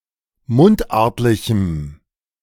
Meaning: strong dative masculine/neuter singular of mundartlich
- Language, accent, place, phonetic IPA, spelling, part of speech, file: German, Germany, Berlin, [ˈmʊntˌʔaʁtlɪçm̩], mundartlichem, adjective, De-mundartlichem.ogg